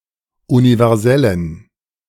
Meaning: inflection of universell: 1. strong genitive masculine/neuter singular 2. weak/mixed genitive/dative all-gender singular 3. strong/weak/mixed accusative masculine singular 4. strong dative plural
- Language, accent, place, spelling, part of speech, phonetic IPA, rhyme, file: German, Germany, Berlin, universellen, adjective, [univɛʁˈzɛlən], -ɛlən, De-universellen.ogg